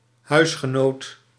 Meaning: housemate
- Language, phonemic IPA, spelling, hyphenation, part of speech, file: Dutch, /ˈɦœy̯s.xəˌnoːt/, huisgenoot, huis‧ge‧noot, noun, Nl-huisgenoot.ogg